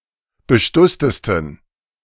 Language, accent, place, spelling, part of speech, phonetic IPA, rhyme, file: German, Germany, Berlin, bestusstesten, adjective, [bəˈʃtʊstəstn̩], -ʊstəstn̩, De-bestusstesten.ogg
- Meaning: 1. superlative degree of bestusst 2. inflection of bestusst: strong genitive masculine/neuter singular superlative degree